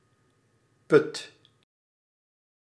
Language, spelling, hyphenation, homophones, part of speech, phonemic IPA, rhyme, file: Dutch, put, put, Puth, noun / verb, /ˈpʏt/, -ʏt, Nl-put.ogg
- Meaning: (noun) 1. pit, well 2. drain; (verb) inflection of putten: 1. first/second/third-person singular present indicative 2. imperative